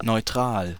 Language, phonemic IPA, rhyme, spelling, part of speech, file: German, /nɔʏ̯ˈtʁaːl/, -aːl, neutral, adjective, De-neutral.ogg
- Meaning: neutral: 1. not taking sides, not joining alliances 2. impartial, unbiased 3. having no pronounced quality, neither good nor bad etc 4. electrically uncharged 5. neither acidic nor alkaline